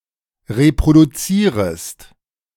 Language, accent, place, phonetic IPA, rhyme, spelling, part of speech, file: German, Germany, Berlin, [ʁepʁoduˈt͡siːʁəst], -iːʁəst, reproduzierest, verb, De-reproduzierest.ogg
- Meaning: second-person singular subjunctive I of reproduzieren